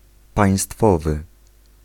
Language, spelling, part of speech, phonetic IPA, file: Polish, państwowy, adjective, [pãj̃ˈstfɔvɨ], Pl-państwowy.ogg